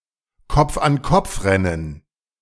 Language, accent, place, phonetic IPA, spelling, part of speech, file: German, Germany, Berlin, [ˌkɔp͡fʔanˈkɔp͡fˌʁɛnən], Kopf-an-Kopf-Rennen, noun, De-Kopf-an-Kopf-Rennen.ogg
- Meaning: neck and neck race